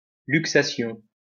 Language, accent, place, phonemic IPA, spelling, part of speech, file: French, France, Lyon, /lyk.sa.sjɔ̃/, luxation, noun, LL-Q150 (fra)-luxation.wav
- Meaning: dislocation